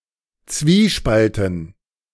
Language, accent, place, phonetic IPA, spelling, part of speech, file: German, Germany, Berlin, [ˈt͡sviːˌʃpaltn̩], Zwiespalten, noun, De-Zwiespalten.ogg
- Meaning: dative plural of Zwiespalt